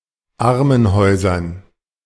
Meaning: dative plural of Armenhaus
- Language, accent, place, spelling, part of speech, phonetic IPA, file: German, Germany, Berlin, Armenhäusern, noun, [ˈaʁmənˌhɔɪ̯zɐn], De-Armenhäusern.ogg